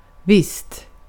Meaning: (interjection) sure; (adverb) 1. with certainty, certainly (often after someone has expressed doubt) 2. apparently; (adjective) indefinite neuter singular of viss
- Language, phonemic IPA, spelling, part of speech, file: Swedish, /vɪst/, visst, interjection / adverb / adjective, Sv-visst.ogg